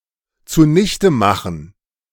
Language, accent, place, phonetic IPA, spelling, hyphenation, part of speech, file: German, Germany, Berlin, [t͡suˈnɪçtəˌmaχn̩], zunichtemachen, zu‧nich‧te‧ma‧chen, verb, De-zunichtemachen.ogg
- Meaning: to ruin, to dash, to defeat